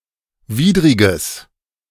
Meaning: strong/mixed nominative/accusative neuter singular of widrig
- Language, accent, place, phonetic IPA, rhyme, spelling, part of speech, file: German, Germany, Berlin, [ˈviːdʁɪɡəs], -iːdʁɪɡəs, widriges, adjective, De-widriges.ogg